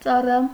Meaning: servant
- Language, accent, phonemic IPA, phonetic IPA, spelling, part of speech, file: Armenian, Eastern Armenian, /t͡sɑˈrɑ/, [t͡sɑrɑ́], ծառա, noun, Hy-ծառա.ogg